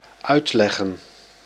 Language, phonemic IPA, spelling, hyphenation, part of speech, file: Dutch, /ˈœy̯tˌlɛ.ɣə(n)/, uitleggen, uit‧leg‧gen, verb / noun, Nl-uitleggen.ogg
- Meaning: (verb) 1. to explain 2. to interpret; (noun) plural of uitleg